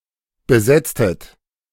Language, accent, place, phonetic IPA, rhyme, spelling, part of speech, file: German, Germany, Berlin, [bəˈzɛt͡stət], -ɛt͡stət, besetztet, verb, De-besetztet.ogg
- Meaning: inflection of besetzen: 1. second-person plural preterite 2. second-person plural subjunctive II